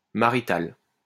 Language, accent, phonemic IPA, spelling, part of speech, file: French, France, /ma.ʁi.tal/, marital, adjective, LL-Q150 (fra)-marital.wav
- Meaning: marital